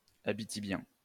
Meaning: of the Abitibi region of Quebec; Abitibian
- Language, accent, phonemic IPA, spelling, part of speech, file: French, France, /a.bi.ti.bjɛ̃/, abitibien, adjective, LL-Q150 (fra)-abitibien.wav